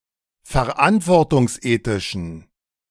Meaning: inflection of verantwortungsethisch: 1. strong genitive masculine/neuter singular 2. weak/mixed genitive/dative all-gender singular 3. strong/weak/mixed accusative masculine singular
- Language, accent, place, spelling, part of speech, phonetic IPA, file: German, Germany, Berlin, verantwortungsethischen, adjective, [fɛɐ̯ˈʔantvɔʁtʊŋsˌʔeːtɪʃn̩], De-verantwortungsethischen.ogg